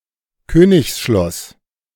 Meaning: royal castle, royal palace
- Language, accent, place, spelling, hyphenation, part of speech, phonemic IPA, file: German, Germany, Berlin, Königsschloss, Kö‧nigs‧schloss, noun, /ˈkøːnɪçsʃlɔs/, De-Königsschloss.ogg